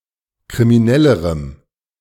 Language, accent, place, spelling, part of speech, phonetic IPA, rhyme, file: German, Germany, Berlin, kriminellerem, adjective, [kʁimiˈnɛləʁəm], -ɛləʁəm, De-kriminellerem.ogg
- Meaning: strong dative masculine/neuter singular comparative degree of kriminell